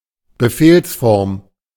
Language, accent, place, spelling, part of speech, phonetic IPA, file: German, Germany, Berlin, Befehlsform, noun, [bəˈfeːlsfɔʁm], De-Befehlsform.ogg
- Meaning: imperative